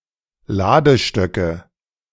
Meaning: nominative/accusative/genitive plural of Ladestock
- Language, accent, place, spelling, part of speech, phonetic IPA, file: German, Germany, Berlin, Ladestöcke, noun, [ˈlaːdəˌʃtœkə], De-Ladestöcke.ogg